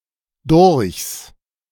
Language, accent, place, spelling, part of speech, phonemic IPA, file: German, Germany, Berlin, durchs, contraction, /dʊʁçs/, De-durchs.ogg
- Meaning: contraction of durch + das